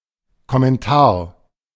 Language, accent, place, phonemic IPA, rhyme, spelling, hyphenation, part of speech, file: German, Germany, Berlin, /kɔmɛnˈtaːɐ̯/, -aːɐ̯, Kommentar, Kom‧men‧tar, noun, De-Kommentar.ogg
- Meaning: 1. comment 2. commentary